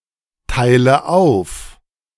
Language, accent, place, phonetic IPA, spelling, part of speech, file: German, Germany, Berlin, [ˌtaɪ̯lə ˈaʊ̯f], teile auf, verb, De-teile auf.ogg
- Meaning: inflection of aufteilen: 1. first-person singular present 2. first/third-person singular subjunctive I 3. singular imperative